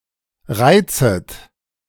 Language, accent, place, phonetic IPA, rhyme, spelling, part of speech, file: German, Germany, Berlin, [ˈʁaɪ̯t͡sət], -aɪ̯t͡sət, reizet, verb, De-reizet.ogg
- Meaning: second-person plural subjunctive I of reizen